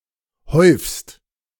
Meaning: second-person singular present of häufen
- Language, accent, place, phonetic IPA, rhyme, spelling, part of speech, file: German, Germany, Berlin, [hɔɪ̯fst], -ɔɪ̯fst, häufst, verb, De-häufst.ogg